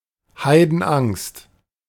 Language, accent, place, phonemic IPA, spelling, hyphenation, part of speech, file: German, Germany, Berlin, /ˈhaɪ̯dn̩ˌʔaŋst/, Heidenangst, Hei‧den‧angst, noun, De-Heidenangst.ogg
- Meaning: great fear